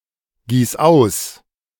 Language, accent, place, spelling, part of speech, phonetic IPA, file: German, Germany, Berlin, gieß aus, verb, [ˌɡiːs ˈaʊ̯s], De-gieß aus.ogg
- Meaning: singular imperative of ausgießen